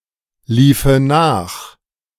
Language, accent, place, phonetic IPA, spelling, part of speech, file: German, Germany, Berlin, [ˌliːfə ˈnaːx], liefe nach, verb, De-liefe nach.ogg
- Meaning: first/third-person singular subjunctive II of nachlaufen